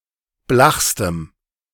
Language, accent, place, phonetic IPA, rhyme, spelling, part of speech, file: German, Germany, Berlin, [ˈblaxstəm], -axstəm, blachstem, adjective, De-blachstem.ogg
- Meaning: strong dative masculine/neuter singular superlative degree of blach